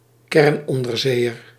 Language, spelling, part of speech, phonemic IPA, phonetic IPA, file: Dutch, kernonderzeeër, noun, /ˈkɛrn.ɔn.dərˌzeː.ər/, [ˈkɛr(ə)n.ɔn.dərˌzeː.jər], Nl-kernonderzeeër.ogg
- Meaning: nuclear submarine